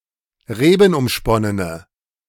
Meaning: inflection of rebenumsponnen: 1. strong/mixed nominative/accusative feminine singular 2. strong nominative/accusative plural 3. weak nominative all-gender singular
- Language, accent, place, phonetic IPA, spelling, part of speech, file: German, Germany, Berlin, [ˈʁeːbn̩ʔʊmˌʃpɔnənə], rebenumsponnene, adjective, De-rebenumsponnene.ogg